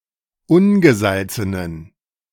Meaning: inflection of ungesalzen: 1. strong genitive masculine/neuter singular 2. weak/mixed genitive/dative all-gender singular 3. strong/weak/mixed accusative masculine singular 4. strong dative plural
- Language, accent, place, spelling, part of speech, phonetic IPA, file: German, Germany, Berlin, ungesalzenen, adjective, [ˈʊnɡəˌzalt͡sənən], De-ungesalzenen.ogg